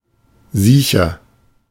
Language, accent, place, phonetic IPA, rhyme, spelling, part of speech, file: German, Germany, Berlin, [ˈziːçɐ], -iːçɐ, siecher, adjective, De-siecher.ogg
- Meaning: 1. comparative degree of siech 2. inflection of siech: strong/mixed nominative masculine singular 3. inflection of siech: strong genitive/dative feminine singular